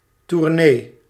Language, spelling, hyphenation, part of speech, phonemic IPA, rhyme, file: Dutch, tournee, tour‧nee, noun, /turˈneː/, -eː, Nl-tournee.ogg
- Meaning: 1. tour (journey through a particular building, estate, country, etc.) 2. tour (journey through a given list of places, such as by an entertainer performing concerts)